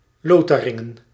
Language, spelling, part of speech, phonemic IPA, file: Dutch, Lotharingen, proper noun, /ˈloː.taː.rɪ.ŋə(n)/, Nl-Lotharingen.ogg
- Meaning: Lorraine (a cultural region, former administrative region, and former duchy in eastern France; since 2016 part of the region of Grand Est region)